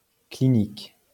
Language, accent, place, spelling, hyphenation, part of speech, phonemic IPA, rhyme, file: French, France, Lyon, clinique, cli‧nique, adjective / noun, /kli.nik/, -ik, LL-Q150 (fra)-clinique.wav
- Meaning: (adjective) clinical; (noun) clinic (small hospital)